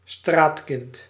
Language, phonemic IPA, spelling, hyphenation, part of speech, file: Dutch, /ˈstraːt.kɪnt/, straatkind, straat‧kind, noun, Nl-straatkind.ogg
- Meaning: street urchin